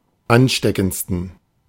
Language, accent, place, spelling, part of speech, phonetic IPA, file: German, Germany, Berlin, ansteckendsten, adjective, [ˈanˌʃtɛkn̩t͡stən], De-ansteckendsten.ogg
- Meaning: 1. superlative degree of ansteckend 2. inflection of ansteckend: strong genitive masculine/neuter singular superlative degree